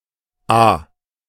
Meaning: at (a specified price or rate of exchange per item)
- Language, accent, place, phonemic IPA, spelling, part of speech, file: German, Germany, Berlin, /aː/, à, preposition, De-à.ogg